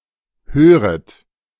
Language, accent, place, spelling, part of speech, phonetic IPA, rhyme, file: German, Germany, Berlin, höret, verb, [ˈhøːʁət], -øːʁət, De-höret.ogg
- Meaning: second-person plural subjunctive I of hören